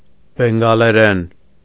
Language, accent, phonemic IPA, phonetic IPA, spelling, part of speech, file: Armenian, Eastern Armenian, /benɡɑleˈɾen/, [beŋɡɑleɾén], բենգալերեն, noun, Hy-բենգալերեն.ogg
- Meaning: Bengali language